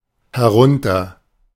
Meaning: down, downwards (to the own location downwards)
- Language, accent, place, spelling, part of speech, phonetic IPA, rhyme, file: German, Germany, Berlin, herunter, adverb, [hɛˈʁʊntɐ], -ʊntɐ, De-herunter.ogg